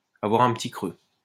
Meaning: to be peckish, to be a little hungry
- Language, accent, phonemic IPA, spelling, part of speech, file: French, France, /a.vwaʁ œ̃ p(ə).ti kʁø/, avoir un petit creux, verb, LL-Q150 (fra)-avoir un petit creux.wav